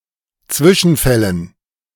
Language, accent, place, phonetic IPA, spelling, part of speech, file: German, Germany, Berlin, [ˈt͡svɪʃn̩ˌfɛlən], Zwischenfällen, noun, De-Zwischenfällen.ogg
- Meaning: dative plural of Zwischenfall